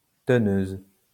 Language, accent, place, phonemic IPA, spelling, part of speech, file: French, France, Lyon, /tə.nøz/, teneuse, noun, LL-Q150 (fra)-teneuse.wav
- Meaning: female equivalent of teneur